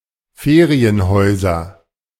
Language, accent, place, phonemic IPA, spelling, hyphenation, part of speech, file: German, Germany, Berlin, /ˈfeːʁiənˌhɔɪ̯zɐ/, Ferienhäuser, Fe‧ri‧en‧häu‧ser, noun, De-Ferienhäuser.ogg
- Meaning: nominative/accusative/genitive plural of Ferienhaus